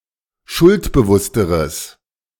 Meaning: strong/mixed nominative/accusative neuter singular comparative degree of schuldbewusst
- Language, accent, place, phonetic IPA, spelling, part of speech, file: German, Germany, Berlin, [ˈʃʊltbəˌvʊstəʁəs], schuldbewussteres, adjective, De-schuldbewussteres.ogg